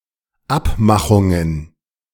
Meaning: plural of Abmachung
- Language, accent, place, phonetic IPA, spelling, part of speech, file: German, Germany, Berlin, [ˈapˌmaxʊŋən], Abmachungen, noun, De-Abmachungen.ogg